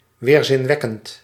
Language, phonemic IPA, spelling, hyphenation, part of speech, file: Dutch, /ˌʋeːr.zɪnˈʋɛ.kənt/, weerzinwekkend, weer‧zin‧wek‧kend, adjective, Nl-weerzinwekkend.ogg
- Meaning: repulsive, abhorrent, revolting